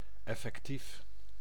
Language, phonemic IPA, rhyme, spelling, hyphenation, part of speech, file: Dutch, /ˌɛ.fɛkˈtif/, -if, effectief, ef‧fec‧tief, adjective / adverb, Nl-effectief.ogg
- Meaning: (adjective) effective; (adverb) 1. effectively 2. really